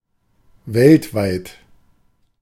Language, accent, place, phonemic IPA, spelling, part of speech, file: German, Germany, Berlin, /ˈvɛltvaɪ̯t/, weltweit, adjective, De-weltweit.ogg
- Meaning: worldwide